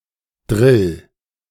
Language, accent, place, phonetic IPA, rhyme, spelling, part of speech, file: German, Germany, Berlin, [dʁɪl], -ɪl, drill, verb, De-drill.ogg
- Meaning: 1. singular imperative of drillen 2. first-person singular present of drillen